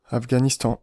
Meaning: Afghanistan (a landlocked country between Central Asia and South Asia; capital and largest city: Kaboul)
- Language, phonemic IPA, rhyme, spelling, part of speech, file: French, /af.ɡa.nis.tɑ̃/, -ɑ̃, Afghanistan, proper noun, Fr-Afghanistan.ogg